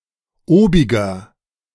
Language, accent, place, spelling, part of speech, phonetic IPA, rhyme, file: German, Germany, Berlin, obiger, adjective, [ˈoːbɪɡɐ], -oːbɪɡɐ, De-obiger.ogg
- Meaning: inflection of obig: 1. strong/mixed nominative masculine singular 2. strong genitive/dative feminine singular 3. strong genitive plural